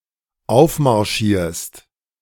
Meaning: second-person singular dependent present of aufmarschieren
- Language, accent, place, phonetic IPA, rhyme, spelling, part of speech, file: German, Germany, Berlin, [ˈaʊ̯fmaʁˌʃiːɐ̯st], -aʊ̯fmaʁʃiːɐ̯st, aufmarschierst, verb, De-aufmarschierst.ogg